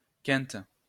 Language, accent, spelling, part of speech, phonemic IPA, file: French, France, quinte, adjective / noun / verb, /kɛ̃t/, LL-Q150 (fra)-quinte.wav
- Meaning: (adjective) feminine singular of quint; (noun) 1. quinte 2. fifth (musical interval), quintus (choir) 3. (five-card) straight 4. fit (of coughing) 5. sudden huff; tantrum